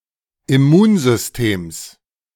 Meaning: genitive singular of Immunsystem
- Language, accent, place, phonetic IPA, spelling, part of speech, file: German, Germany, Berlin, [ɪˈmuːnzʏsˌteːms], Immunsystems, noun, De-Immunsystems.ogg